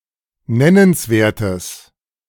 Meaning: strong/mixed nominative/accusative neuter singular of nennenswert
- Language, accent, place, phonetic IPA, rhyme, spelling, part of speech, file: German, Germany, Berlin, [ˈnɛnənsˌveːɐ̯təs], -ɛnənsveːɐ̯təs, nennenswertes, adjective, De-nennenswertes.ogg